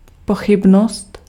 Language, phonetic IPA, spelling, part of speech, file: Czech, [ˈpoxɪbnost], pochybnost, noun, Cs-pochybnost.ogg
- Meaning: doubt